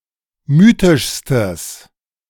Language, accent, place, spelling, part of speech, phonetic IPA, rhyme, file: German, Germany, Berlin, mythischstes, adjective, [ˈmyːtɪʃstəs], -yːtɪʃstəs, De-mythischstes.ogg
- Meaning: strong/mixed nominative/accusative neuter singular superlative degree of mythisch